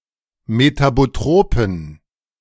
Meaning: inflection of metabotrop: 1. strong genitive masculine/neuter singular 2. weak/mixed genitive/dative all-gender singular 3. strong/weak/mixed accusative masculine singular 4. strong dative plural
- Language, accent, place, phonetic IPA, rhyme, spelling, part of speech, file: German, Germany, Berlin, [metaboˈtʁoːpn̩], -oːpn̩, metabotropen, adjective, De-metabotropen.ogg